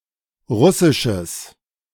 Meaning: strong/mixed nominative/accusative neuter singular of russisch
- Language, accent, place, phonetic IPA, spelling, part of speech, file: German, Germany, Berlin, [ˈʁʊsɪʃəs], russisches, adjective, De-russisches.ogg